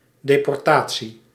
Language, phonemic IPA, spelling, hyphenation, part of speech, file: Dutch, /ˌdeː.pɔrˈtaː.(t)si/, deportatie, de‧por‧ta‧tie, noun, Nl-deportatie.ogg
- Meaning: deportation